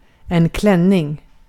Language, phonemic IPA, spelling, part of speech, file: Swedish, /ˈklɛnːɪŋ/, klänning, noun, Sv-klänning.ogg
- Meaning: a dress (woman's garment that covers the upper body (going over the shoulders) and includes a skirt below the waist)